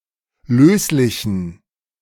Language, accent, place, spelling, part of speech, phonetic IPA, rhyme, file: German, Germany, Berlin, löslichen, adjective, [ˈløːslɪçn̩], -øːslɪçn̩, De-löslichen.ogg
- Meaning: inflection of löslich: 1. strong genitive masculine/neuter singular 2. weak/mixed genitive/dative all-gender singular 3. strong/weak/mixed accusative masculine singular 4. strong dative plural